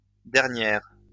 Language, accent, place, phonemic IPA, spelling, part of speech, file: French, France, Lyon, /dɛʁ.njɛʁ/, dernières, adjective, LL-Q150 (fra)-dernières.wav
- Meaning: feminine plural of dernier